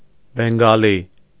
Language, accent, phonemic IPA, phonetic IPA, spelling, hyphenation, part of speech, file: Armenian, Eastern Armenian, /benɡɑˈli/, [beŋɡɑlí], բենգալի, բեն‧գա‧լի, noun, Hy-բենգալի.ogg
- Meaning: Bengali